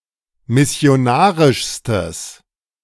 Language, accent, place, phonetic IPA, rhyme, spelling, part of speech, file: German, Germany, Berlin, [mɪsi̯oˈnaːʁɪʃstəs], -aːʁɪʃstəs, missionarischstes, adjective, De-missionarischstes.ogg
- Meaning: strong/mixed nominative/accusative neuter singular superlative degree of missionarisch